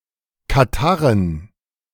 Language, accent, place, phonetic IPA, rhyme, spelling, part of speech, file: German, Germany, Berlin, [kaˈtaʁən], -aʁən, Katarrhen, noun, De-Katarrhen.ogg
- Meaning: dative plural of Katarrh